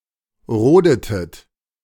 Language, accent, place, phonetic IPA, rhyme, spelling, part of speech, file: German, Germany, Berlin, [ˈʁoːdətət], -oːdətət, rodetet, verb, De-rodetet.ogg
- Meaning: inflection of roden: 1. second-person plural preterite 2. second-person plural subjunctive II